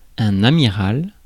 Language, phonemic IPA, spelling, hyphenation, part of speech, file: French, /a.mi.ʁal/, amiral, a‧mi‧ral, adjective / noun, Fr-amiral.ogg
- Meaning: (adjective) of an admiral; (noun) admiral (military officer)